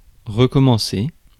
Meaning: to restart, start over, start again
- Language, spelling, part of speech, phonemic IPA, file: French, recommencer, verb, /ʁə.kɔ.mɑ̃.se/, Fr-recommencer.ogg